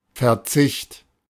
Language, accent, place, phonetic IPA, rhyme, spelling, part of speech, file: German, Germany, Berlin, [fɛɐ̯ˈt͡sɪçt], -ɪçt, Verzicht, noun, De-Verzicht.ogg
- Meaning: 1. abstention 2. renunciation, relinquishment, waiver 3. sacrifice